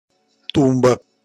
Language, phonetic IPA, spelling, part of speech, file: Russian, [ˈtumbə], тумба, noun, Ru-тумба.ogg
- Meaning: 1. cupboard, cabinet, pedestal 2. advertising pillar 3. stone (to bind horses) 4. fat/rotund person, tub